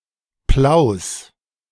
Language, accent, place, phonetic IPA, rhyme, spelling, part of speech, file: German, Germany, Berlin, [plaʊ̯s], -aʊ̯s, Plaus, proper noun / noun, De-Plaus.ogg
- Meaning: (proper noun) a municipality of South Tyrol, Italy; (noun) genitive singular of Plau